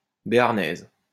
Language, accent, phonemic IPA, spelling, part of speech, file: French, France, /be.aʁ.nɛz/, béarnaise, adjective / noun, LL-Q150 (fra)-béarnaise.wav
- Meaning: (adjective) feminine singular of béarnais; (noun) béarnaise sauce